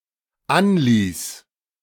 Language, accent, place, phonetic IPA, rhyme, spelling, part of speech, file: German, Germany, Berlin, [ˈanˌliːs], -anliːs, anließ, verb, De-anließ.ogg
- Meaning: first/third-person singular dependent preterite of anlassen